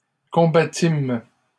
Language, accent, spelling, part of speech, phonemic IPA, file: French, Canada, combattîmes, verb, /kɔ̃.ba.tim/, LL-Q150 (fra)-combattîmes.wav
- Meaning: first-person plural past historic of combattre